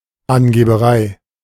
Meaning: bragging, boasting, showing-off
- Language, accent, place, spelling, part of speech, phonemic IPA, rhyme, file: German, Germany, Berlin, Angeberei, noun, /anɡeːbəˈʁaɪ̯/, -aɪ̯, De-Angeberei.ogg